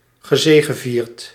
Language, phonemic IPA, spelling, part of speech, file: Dutch, /ɣəˈzeːɣəˌvirt/, gezegevierd, verb, Nl-gezegevierd.ogg
- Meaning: past participle of zegevieren